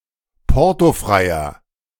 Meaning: inflection of portofrei: 1. strong/mixed nominative masculine singular 2. strong genitive/dative feminine singular 3. strong genitive plural
- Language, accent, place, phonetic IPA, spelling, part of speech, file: German, Germany, Berlin, [ˈpɔʁtoˌfʁaɪ̯ɐ], portofreier, adjective, De-portofreier.ogg